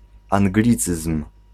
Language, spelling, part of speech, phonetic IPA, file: Polish, anglicyzm, noun, [ãŋˈɡlʲit͡sɨsm̥], Pl-anglicyzm.ogg